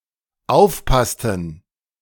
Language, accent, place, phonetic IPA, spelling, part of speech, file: German, Germany, Berlin, [ˈaʊ̯fˌpastn̩], aufpassten, verb, De-aufpassten.ogg
- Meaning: inflection of aufpassen: 1. first/third-person plural dependent preterite 2. first/third-person plural dependent subjunctive II